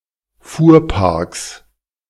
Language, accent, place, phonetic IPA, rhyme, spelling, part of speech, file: German, Germany, Berlin, [ˈfuːɐ̯ˌpaʁks], -uːɐ̯paʁks, Fuhrparks, noun, De-Fuhrparks.ogg
- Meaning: 1. genitive singular of Fuhrpark 2. plural of Fuhrpark